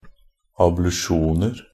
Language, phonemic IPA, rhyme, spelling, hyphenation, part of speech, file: Norwegian Bokmål, /ablʉˈʃuːnər/, -ər, ablusjoner, ab‧lu‧sjon‧er, noun, NB - Pronunciation of Norwegian Bokmål «ablusjoner».ogg
- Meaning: indefinite plural of ablusjon